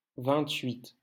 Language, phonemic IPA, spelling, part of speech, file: French, /vɛ̃.tɥit/, vingt-huit, numeral, LL-Q150 (fra)-vingt-huit.wav
- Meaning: twenty-eight